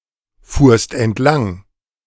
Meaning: second-person singular preterite of entlangfahren
- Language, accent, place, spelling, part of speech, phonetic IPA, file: German, Germany, Berlin, fuhrst entlang, verb, [ˌfuːɐ̯st ɛntˈlaŋ], De-fuhrst entlang.ogg